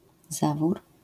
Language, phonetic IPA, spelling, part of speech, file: Polish, [ˈzavur], zawór, noun, LL-Q809 (pol)-zawór.wav